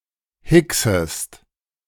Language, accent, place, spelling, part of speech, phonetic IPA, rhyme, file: German, Germany, Berlin, hicksest, verb, [ˈhɪksəst], -ɪksəst, De-hicksest.ogg
- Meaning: second-person singular subjunctive I of hicksen